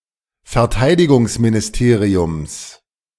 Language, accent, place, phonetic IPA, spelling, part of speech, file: German, Germany, Berlin, [fɛɐ̯ˈtaɪ̯dɪɡʊŋsminɪsˌteːʁiʊms], Verteidigungsministeriums, noun, De-Verteidigungsministeriums.ogg
- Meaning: genitive singular of Verteidigungsministerium